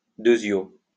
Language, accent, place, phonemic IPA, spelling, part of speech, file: French, France, Lyon, /dø.zjo/, deusio, adverb, LL-Q150 (fra)-deusio.wav
- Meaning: alternative spelling of deuxio